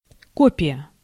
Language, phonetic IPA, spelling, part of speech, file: Russian, [ˈkopʲɪjə], копия, noun, Ru-копия.ogg
- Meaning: copy, duplicate